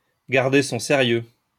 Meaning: to keep a straight face
- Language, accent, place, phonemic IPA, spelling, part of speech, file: French, France, Lyon, /ɡaʁ.de sɔ̃ se.ʁjø/, garder son sérieux, verb, LL-Q150 (fra)-garder son sérieux.wav